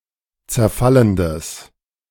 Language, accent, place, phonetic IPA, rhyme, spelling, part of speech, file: German, Germany, Berlin, [t͡sɛɐ̯ˈfaləndəs], -aləndəs, zerfallendes, adjective, De-zerfallendes.ogg
- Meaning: strong/mixed nominative/accusative neuter singular of zerfallend